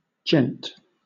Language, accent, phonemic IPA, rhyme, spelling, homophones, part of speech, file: English, Southern England, /d͡ʒɛnt/, -ɛnt, gent, djent, noun / adjective, LL-Q1860 (eng)-gent.wav
- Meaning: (noun) A gentleman; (adjective) 1. Noble; well-bred, courteous; graceful 2. neat; pretty; elegant; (noun) Clipping of gentamicin